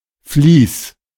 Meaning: fleece (wool of a sheep or similar animal, with or without the skin)
- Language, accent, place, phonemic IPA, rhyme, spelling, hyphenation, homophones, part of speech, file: German, Germany, Berlin, /ˈfliːs/, -iːs, Vlies, Vlies, Fleece / fließ / Fließ, noun, De-Vlies.ogg